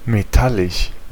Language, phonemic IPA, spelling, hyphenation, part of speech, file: German, /̯meˈtalɪʃ/, metallisch, me‧tal‧lisch, adjective, De-metallisch.ogg
- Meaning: metallic